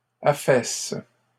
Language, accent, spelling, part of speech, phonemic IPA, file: French, Canada, affaisse, verb, /a.fɛs/, LL-Q150 (fra)-affaisse.wav
- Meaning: inflection of affaisser: 1. first/third-person singular present indicative/subjunctive 2. second-person singular imperative